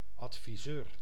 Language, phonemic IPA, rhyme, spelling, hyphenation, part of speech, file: Dutch, /ˌɑt.fiˈzøːr/, -øːr, adviseur, ad‧vi‧seur, noun, Nl-adviseur.ogg
- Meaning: an adviser; someone who gives advice, counsels